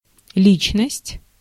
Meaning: 1. personality 2. person, individual 3. identity
- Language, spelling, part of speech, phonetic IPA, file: Russian, личность, noun, [ˈlʲit͡ɕnəsʲtʲ], Ru-личность.ogg